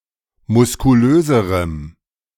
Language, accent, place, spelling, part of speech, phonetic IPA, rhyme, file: German, Germany, Berlin, muskulöserem, adjective, [mʊskuˈløːzəʁəm], -øːzəʁəm, De-muskulöserem.ogg
- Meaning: strong dative masculine/neuter singular comparative degree of muskulös